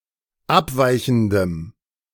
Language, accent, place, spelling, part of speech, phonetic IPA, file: German, Germany, Berlin, abweichendem, adjective, [ˈapˌvaɪ̯çn̩dəm], De-abweichendem.ogg
- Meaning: strong dative masculine/neuter singular of abweichend